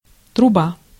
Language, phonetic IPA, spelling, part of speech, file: Russian, [trʊˈba], труба, noun, Ru-труба.ogg
- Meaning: 1. pipe 2. chimney, flue 3. trumpet 4. undesirable situation, seemingly hopeless (де́ло труба́) 5. mobile phone 6. telephone 7. fox tail